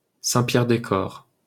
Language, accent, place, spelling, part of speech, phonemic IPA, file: French, France, Paris, Saint-Pierre-des-Corps, proper noun, /sɛ̃.pjɛʁ.de.kɔʁ/, LL-Q150 (fra)-Saint-Pierre-des-Corps.wav
- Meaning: Saint-Pierre-des-Corps